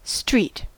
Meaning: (noun) 1. A paved part of road, usually in a village or a town 2. A road as above, but including the sidewalks (pavements) and buildings 3. The roads that run perpendicular to avenues in a grid layout
- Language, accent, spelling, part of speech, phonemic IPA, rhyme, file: English, General American, street, noun / adjective / verb, /stɹit/, -iːt, En-us-street.ogg